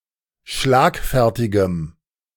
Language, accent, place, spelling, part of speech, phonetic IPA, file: German, Germany, Berlin, schlagfertigem, adjective, [ˈʃlaːkˌfɛʁtɪɡəm], De-schlagfertigem.ogg
- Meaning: strong dative masculine/neuter singular of schlagfertig